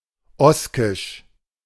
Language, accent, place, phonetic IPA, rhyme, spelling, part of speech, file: German, Germany, Berlin, [ˈɔskɪʃ], -ɔskɪʃ, oskisch, adjective, De-oskisch.ogg
- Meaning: Oscan (related to the Oscans or to the Oscan language)